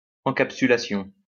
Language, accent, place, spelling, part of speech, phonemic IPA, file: French, France, Lyon, encapsulation, noun, /ɑ̃.kap.sy.la.sjɔ̃/, LL-Q150 (fra)-encapsulation.wav
- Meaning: encapsulation